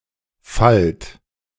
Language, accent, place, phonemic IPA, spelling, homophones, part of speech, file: German, Germany, Berlin, /falt/, fallt, falt, verb, De-fallt.ogg
- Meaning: inflection of fallen: 1. second-person plural present 2. plural imperative